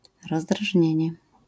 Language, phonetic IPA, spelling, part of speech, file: Polish, [ˌrɔzdraʒʲˈɲɛ̇̃ɲɛ], rozdrażnienie, noun, LL-Q809 (pol)-rozdrażnienie.wav